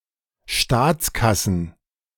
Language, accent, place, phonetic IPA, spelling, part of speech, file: German, Germany, Berlin, [ˈʃtaːt͡sˌkasn̩], Staatskassen, noun, De-Staatskassen.ogg
- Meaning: plural of Staatskasse